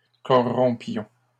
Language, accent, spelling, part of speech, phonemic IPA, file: French, Canada, corrompions, verb, /kɔ.ʁɔ̃.pjɔ̃/, LL-Q150 (fra)-corrompions.wav
- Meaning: inflection of corrompre: 1. first-person plural imperfect indicative 2. first-person plural present subjunctive